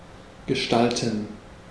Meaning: 1. to form, to shape, to create 2. to organise, to structure, to arrange
- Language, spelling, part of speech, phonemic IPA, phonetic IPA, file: German, gestalten, verb, /ɡəˈʃtaltən/, [ɡəˈʃtaltn̩], De-gestalten.ogg